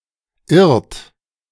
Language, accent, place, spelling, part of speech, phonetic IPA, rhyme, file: German, Germany, Berlin, irrt, verb, [ɪʁt], -ɪʁt, De-irrt.ogg
- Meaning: inflection of irren: 1. third-person singular present 2. second-person plural present 3. plural imperative